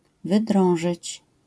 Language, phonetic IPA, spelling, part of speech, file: Polish, [vɨˈdrɔ̃w̃ʒɨt͡ɕ], wydrążyć, verb, LL-Q809 (pol)-wydrążyć.wav